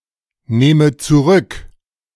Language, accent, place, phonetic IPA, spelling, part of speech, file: German, Germany, Berlin, [ˌneːmə t͡suˈʁʏk], nehme zurück, verb, De-nehme zurück.ogg
- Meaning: inflection of zurücknehmen: 1. first-person singular present 2. first/third-person singular subjunctive I